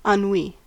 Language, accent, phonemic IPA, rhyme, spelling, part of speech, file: English, US, /ɑnˈwi/, -iː, ennui, noun / verb, En-us-ennui.ogg
- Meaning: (noun) A gripping listlessness or melancholia caused by boredom; depression; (verb) To make bored or listless; to weary